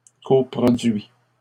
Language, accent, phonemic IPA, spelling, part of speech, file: French, Canada, /kɔ.pʁɔ.dɥi/, coproduits, noun, LL-Q150 (fra)-coproduits.wav
- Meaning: plural of coproduit